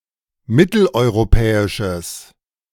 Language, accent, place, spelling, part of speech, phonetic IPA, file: German, Germany, Berlin, mitteleuropäisches, adjective, [ˈmɪtl̩ʔɔɪ̯ʁoˌpɛːɪʃəs], De-mitteleuropäisches.ogg
- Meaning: strong/mixed nominative/accusative neuter singular of mitteleuropäisch